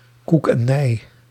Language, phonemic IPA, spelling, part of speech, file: Dutch, /kuk ɛn ɛi̯/, koek en ei, phrase, Nl-koek en ei.ogg
- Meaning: completely fine, in a state of friendly relations, amicable